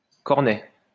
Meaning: 1. cone 2. horn; (ice-cream) cone 3. post horn 4. cornet; cornet stop (on organ) 5. portable inkhorn 6. plastic bag 7. ear trumpet
- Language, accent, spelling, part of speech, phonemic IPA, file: French, France, cornet, noun, /kɔʁ.nɛ/, LL-Q150 (fra)-cornet.wav